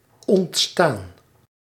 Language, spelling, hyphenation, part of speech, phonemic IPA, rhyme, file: Dutch, ontstaan, ont‧staan, verb, /ɔntˈstaːn/, -aːn, Nl-ontstaan.ogg
- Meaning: 1. to arise, to come into being 2. to elude, remain out of reach 3. past participle of ontstaan